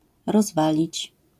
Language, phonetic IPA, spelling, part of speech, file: Polish, [rɔzˈvalʲit͡ɕ], rozwalić, verb, LL-Q809 (pol)-rozwalić.wav